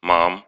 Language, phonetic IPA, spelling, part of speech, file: Russian, [mam], мам, noun, Ru-мам.ogg
- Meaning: inflection of ма́ма (máma): 1. genitive plural 2. animate accusative plural 3. vocative singular